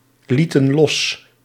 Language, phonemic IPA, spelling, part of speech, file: Dutch, /ˈlitə(n) ˈlɔs/, lieten los, verb, Nl-lieten los.ogg
- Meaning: inflection of loslaten: 1. plural past indicative 2. plural past subjunctive